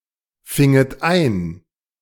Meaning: second-person plural subjunctive II of einfangen
- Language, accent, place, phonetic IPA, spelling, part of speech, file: German, Germany, Berlin, [ˌfɪŋət ˈaɪ̯n], finget ein, verb, De-finget ein.ogg